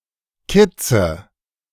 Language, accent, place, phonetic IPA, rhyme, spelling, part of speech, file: German, Germany, Berlin, [ˈkɪt͡sə], -ɪt͡sə, Kitze, noun, De-Kitze.ogg
- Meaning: nominative/accusative/genitive plural of Kitz